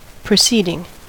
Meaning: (verb) present participle and gerund of proceed; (noun) 1. The act of one who proceeds, or who prosecutes a design or transaction 2. An event or happening; something that happens
- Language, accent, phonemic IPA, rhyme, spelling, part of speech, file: English, US, /pɹəˈsiːdɪŋ/, -iːdɪŋ, proceeding, verb / noun, En-us-proceeding.ogg